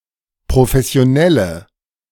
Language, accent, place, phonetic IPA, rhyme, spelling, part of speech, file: German, Germany, Berlin, [pʁofɛsi̯oˈnɛlə], -ɛlə, professionelle, adjective, De-professionelle.ogg
- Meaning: inflection of professionell: 1. strong/mixed nominative/accusative feminine singular 2. strong nominative/accusative plural 3. weak nominative all-gender singular